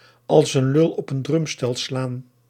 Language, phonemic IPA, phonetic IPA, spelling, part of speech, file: Dutch, /ɑls ən ˈlʏl ɔp ən ˈdrʏm.stɛl ˈslaːn/, [ɑ(ɫ)s ən ˈlʏɫ ɔp ən ˈdrʏm.stɛɫ ˈslaːn], als een lul op een drumstel slaan, verb, Nl-als een lul op een drumstel slaan.ogg
- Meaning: to make no sense, be illogical